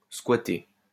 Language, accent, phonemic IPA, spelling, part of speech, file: French, France, /skwa.te/, squatter, verb, LL-Q150 (fra)-squatter.wav
- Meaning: 1. to squat (to occupy a building or land without permission) 2. to crash (to make temporary living arrangements) 3. to tie up